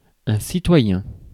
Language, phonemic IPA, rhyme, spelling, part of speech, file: French, /si.twa.jɛ̃/, -ɛ̃, citoyen, noun / adjective, Fr-citoyen.ogg
- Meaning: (noun) citizen; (adjective) civic